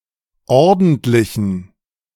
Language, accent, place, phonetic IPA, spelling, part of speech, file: German, Germany, Berlin, [ˈɔʁdn̩tlɪçn̩], ordentlichen, adjective, De-ordentlichen.ogg
- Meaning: inflection of ordentlich: 1. strong genitive masculine/neuter singular 2. weak/mixed genitive/dative all-gender singular 3. strong/weak/mixed accusative masculine singular 4. strong dative plural